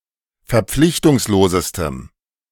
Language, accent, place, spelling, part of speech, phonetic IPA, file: German, Germany, Berlin, verpflichtungslosestem, adjective, [fɛɐ̯ˈp͡flɪçtʊŋsloːzəstəm], De-verpflichtungslosestem.ogg
- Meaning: strong dative masculine/neuter singular superlative degree of verpflichtungslos